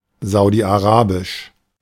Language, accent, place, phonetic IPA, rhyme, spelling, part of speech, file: German, Germany, Berlin, [ˌzaʊ̯diʔaˈʁaːbɪʃ], -aːbɪʃ, saudi-arabisch, adjective, De-saudi-arabisch.ogg
- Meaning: of Saudi Arabia; Saudi Arabian